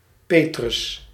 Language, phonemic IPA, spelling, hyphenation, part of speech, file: Dutch, /ˈpeː.trʏs/, Petrus, Pe‧trus, proper noun, Nl-Petrus.ogg
- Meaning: 1. Simon Peter, Cephas (Biblical character, early Christian leader) 2. a male given name, now rare outside baptismal names